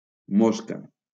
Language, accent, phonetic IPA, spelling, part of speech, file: Catalan, Valencia, [ˈmos.ka], mosca, noun, LL-Q7026 (cat)-mosca.wav
- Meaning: fly (insect)